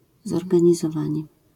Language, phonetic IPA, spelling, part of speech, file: Polish, [ˌzɔrɡãɲizɔˈvãɲɛ], zorganizowanie, noun, LL-Q809 (pol)-zorganizowanie.wav